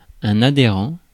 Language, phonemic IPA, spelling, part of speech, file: French, /a.de.ʁɑ̃/, adhérent, adjective / noun, Fr-adhérent.ogg
- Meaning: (adjective) adherent (adhering to something); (noun) adherent (a person who has membership in some group)